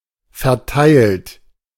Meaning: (verb) past participle of verteilen; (adjective) 1. distributed 2. allocated; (verb) inflection of verteilen: 1. third-person singular present 2. second-person plural present 3. plural imperative
- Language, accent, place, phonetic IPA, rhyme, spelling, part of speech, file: German, Germany, Berlin, [fɛɐ̯ˈtaɪ̯lt], -aɪ̯lt, verteilt, verb, De-verteilt.ogg